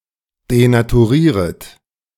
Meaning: second-person plural subjunctive I of denaturieren
- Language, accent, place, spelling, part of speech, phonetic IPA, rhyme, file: German, Germany, Berlin, denaturieret, verb, [denatuˈʁiːʁət], -iːʁət, De-denaturieret.ogg